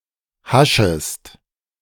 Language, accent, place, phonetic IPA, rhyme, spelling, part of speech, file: German, Germany, Berlin, [ˈhaʃəst], -aʃəst, haschest, verb, De-haschest.ogg
- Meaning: second-person singular subjunctive I of haschen